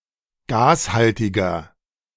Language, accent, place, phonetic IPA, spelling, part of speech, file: German, Germany, Berlin, [ˈɡaːsˌhaltɪɡɐ], gashaltiger, adjective, De-gashaltiger.ogg
- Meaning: inflection of gashaltig: 1. strong/mixed nominative masculine singular 2. strong genitive/dative feminine singular 3. strong genitive plural